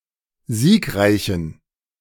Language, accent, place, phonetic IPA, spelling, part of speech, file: German, Germany, Berlin, [ˈziːkˌʁaɪ̯çn̩], siegreichen, adjective, De-siegreichen.ogg
- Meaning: inflection of siegreich: 1. strong genitive masculine/neuter singular 2. weak/mixed genitive/dative all-gender singular 3. strong/weak/mixed accusative masculine singular 4. strong dative plural